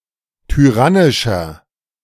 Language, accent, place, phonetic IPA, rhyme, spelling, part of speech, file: German, Germany, Berlin, [tyˈʁanɪʃɐ], -anɪʃɐ, tyrannischer, adjective, De-tyrannischer.ogg
- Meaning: 1. comparative degree of tyrannisch 2. inflection of tyrannisch: strong/mixed nominative masculine singular 3. inflection of tyrannisch: strong genitive/dative feminine singular